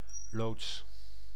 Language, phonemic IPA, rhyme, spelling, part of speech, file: Dutch, /loːts/, -oːts, loods, noun / verb, Nl-loods.ogg
- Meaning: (noun) 1. pilot, expert who helps navigate to the harbor or coast 2. pilot fish 3. guide 4. shed, protective building 5. warehouse